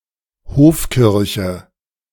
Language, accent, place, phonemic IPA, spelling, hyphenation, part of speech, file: German, Germany, Berlin, /ˈhoːfˌkɪʁçə/, Hofkirche, Hof‧kir‧che, noun, De-Hofkirche.ogg
- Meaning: court chapel, chapel of a palace (church building at the residence of a ruler)